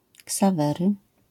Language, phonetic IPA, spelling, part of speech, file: Polish, [ksaˈvɛrɨ], Ksawery, proper noun, LL-Q809 (pol)-Ksawery.wav